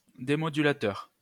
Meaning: demodulator
- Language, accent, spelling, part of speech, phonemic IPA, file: French, France, démodulateur, noun, /de.mɔ.dy.la.tœʁ/, LL-Q150 (fra)-démodulateur.wav